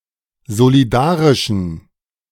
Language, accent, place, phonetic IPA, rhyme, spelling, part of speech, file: German, Germany, Berlin, [zoliˈdaːʁɪʃn̩], -aːʁɪʃn̩, solidarischen, adjective, De-solidarischen.ogg
- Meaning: inflection of solidarisch: 1. strong genitive masculine/neuter singular 2. weak/mixed genitive/dative all-gender singular 3. strong/weak/mixed accusative masculine singular 4. strong dative plural